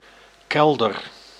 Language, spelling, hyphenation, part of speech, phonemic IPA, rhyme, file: Dutch, kelder, kel‧der, noun / verb, /ˈkɛl.dər/, -ɛldər, Nl-kelder.ogg
- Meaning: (noun) cellar, basement; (verb) inflection of kelderen: 1. first-person singular present indicative 2. second-person singular present indicative 3. imperative